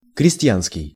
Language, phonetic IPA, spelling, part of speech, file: Russian, [krʲɪsʲˈtʲjanskʲɪj], крестьянский, adjective, Ru-крестьянский.ogg
- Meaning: 1. farm; farmer’s 2. peasant 3. country